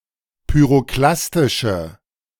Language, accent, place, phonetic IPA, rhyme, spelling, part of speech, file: German, Germany, Berlin, [pyʁoˈklastɪʃə], -astɪʃə, pyroklastische, adjective, De-pyroklastische.ogg
- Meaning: inflection of pyroklastisch: 1. strong/mixed nominative/accusative feminine singular 2. strong nominative/accusative plural 3. weak nominative all-gender singular